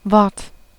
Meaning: 1. word as an isolated unit 2. utterance, word with context 3. speech, speaking, (figuratively) floor 4. promise, (figuratively) word 5. the Word (epithet for Christ, the Second Person of the Trinity)
- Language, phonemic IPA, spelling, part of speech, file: German, /vɔrt/, Wort, noun, De-Wort.ogg